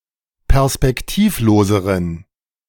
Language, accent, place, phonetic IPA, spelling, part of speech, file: German, Germany, Berlin, [pɛʁspɛkˈtiːfˌloːzəʁən], perspektivloseren, adjective, De-perspektivloseren.ogg
- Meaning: inflection of perspektivlos: 1. strong genitive masculine/neuter singular comparative degree 2. weak/mixed genitive/dative all-gender singular comparative degree